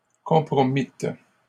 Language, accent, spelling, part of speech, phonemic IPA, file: French, Canada, compromîtes, verb, /kɔ̃.pʁɔ.mit/, LL-Q150 (fra)-compromîtes.wav
- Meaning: second-person plural past historic of compromettre